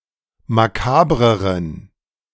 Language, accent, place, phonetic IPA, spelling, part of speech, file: German, Germany, Berlin, [maˈkaːbʁəʁən], makabreren, adjective, De-makabreren.ogg
- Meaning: inflection of makaber: 1. strong genitive masculine/neuter singular comparative degree 2. weak/mixed genitive/dative all-gender singular comparative degree